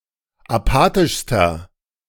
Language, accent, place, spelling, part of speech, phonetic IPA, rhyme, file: German, Germany, Berlin, apathischster, adjective, [aˈpaːtɪʃstɐ], -aːtɪʃstɐ, De-apathischster.ogg
- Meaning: inflection of apathisch: 1. strong/mixed nominative masculine singular superlative degree 2. strong genitive/dative feminine singular superlative degree 3. strong genitive plural superlative degree